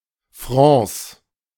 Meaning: plural of Franc
- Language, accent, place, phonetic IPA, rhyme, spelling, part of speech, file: German, Germany, Berlin, [frɑ̃ːs], -ɑ̃ːs, Francs, noun, De-Francs.ogg